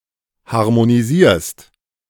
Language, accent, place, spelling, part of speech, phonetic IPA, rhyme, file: German, Germany, Berlin, harmonisierst, verb, [haʁmoniˈziːɐ̯st], -iːɐ̯st, De-harmonisierst.ogg
- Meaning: second-person singular present of harmonisieren